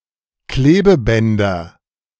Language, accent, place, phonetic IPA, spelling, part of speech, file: German, Germany, Berlin, [ˈkleːbəˌbɛndɐ], Klebebänder, noun, De-Klebebänder.ogg
- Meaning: nominative/accusative/genitive plural of Klebeband